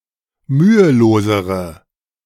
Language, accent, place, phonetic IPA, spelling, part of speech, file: German, Germany, Berlin, [ˈmyːəˌloːzəʁə], mühelosere, adjective, De-mühelosere.ogg
- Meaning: inflection of mühelos: 1. strong/mixed nominative/accusative feminine singular comparative degree 2. strong nominative/accusative plural comparative degree